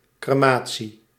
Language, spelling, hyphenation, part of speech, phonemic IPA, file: Dutch, crematie, cre‧ma‧tie, noun, /ˌkreːˈmaː.(t)si/, Nl-crematie.ogg
- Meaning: cremation